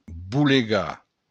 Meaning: to move
- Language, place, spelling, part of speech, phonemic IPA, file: Occitan, Béarn, bolegar, verb, /bu.leˈɣa/, LL-Q14185 (oci)-bolegar.wav